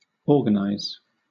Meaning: 1. To arrange in working order 2. To constitute in parts, each having a special function, act, office, or relation; to systematize
- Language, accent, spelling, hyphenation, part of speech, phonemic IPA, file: English, Southern England, organize, or‧gan‧ize, verb, /ˈɔːɡənaɪz/, LL-Q1860 (eng)-organize.wav